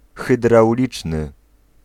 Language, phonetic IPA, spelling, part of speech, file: Polish, [ˌxɨdrawˈlʲit͡ʃnɨ], hydrauliczny, adjective, Pl-hydrauliczny.ogg